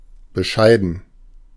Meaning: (adjective) 1. modest, humble (of a person) 2. limited, disappointing, little (of qualities, especially success/growth) 3. euphemistic form of beschissen (“shitty”)
- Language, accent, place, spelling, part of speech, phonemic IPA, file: German, Germany, Berlin, bescheiden, adjective / verb, /bəˈʃaɪ̯dən/, De-bescheiden.ogg